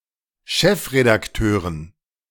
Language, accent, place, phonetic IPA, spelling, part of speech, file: German, Germany, Berlin, [ˈʃɛfʁedakˌtøːʁən], Chefredakteuren, noun, De-Chefredakteuren.ogg
- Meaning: dative plural of Chefredakteur